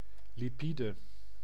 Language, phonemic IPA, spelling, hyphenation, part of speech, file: Dutch, /liˈpidə/, lipide, li‧pi‧de, noun, Nl-lipide.ogg
- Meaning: lipid